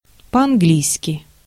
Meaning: 1. in English 2. quietly, suddenly, without permission (compare: French leave)
- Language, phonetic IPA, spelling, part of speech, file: Russian, [pɐ‿ɐnˈɡlʲijskʲɪ], по-английски, adverb, Ru-по-английски.ogg